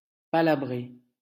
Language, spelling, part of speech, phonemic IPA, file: French, palabrer, verb, /pa.la.bʁe/, LL-Q150 (fra)-palabrer.wav
- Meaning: to endlessly argue